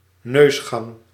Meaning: nasal passage
- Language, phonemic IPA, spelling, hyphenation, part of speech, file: Dutch, /ˈnøsxɑŋ/, neusgang, neus‧gang, noun, Nl-neusgang.ogg